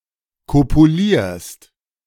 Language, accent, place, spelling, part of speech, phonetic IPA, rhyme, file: German, Germany, Berlin, kopulierst, verb, [ˌkopuˈliːɐ̯st], -iːɐ̯st, De-kopulierst.ogg
- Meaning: second-person singular present of kopulieren